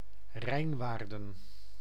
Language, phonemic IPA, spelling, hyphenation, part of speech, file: Dutch, /ˈrɛi̯nˌʋaːr.də(n)/, Rijnwaarden, Rijn‧waar‧den, proper noun, Nl-Rijnwaarden.ogg
- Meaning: Rijnwaarden (a former municipality of Gelderland, Netherlands)